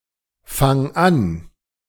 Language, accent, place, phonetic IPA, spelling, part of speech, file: German, Germany, Berlin, [ˌfaŋ ˈan], fang an, verb, De-fang an.ogg
- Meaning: singular imperative of anfangen